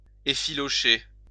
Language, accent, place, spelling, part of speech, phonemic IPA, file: French, France, Lyon, effilocher, verb, /e.fi.lɔ.ʃe/, LL-Q150 (fra)-effilocher.wav
- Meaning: to fray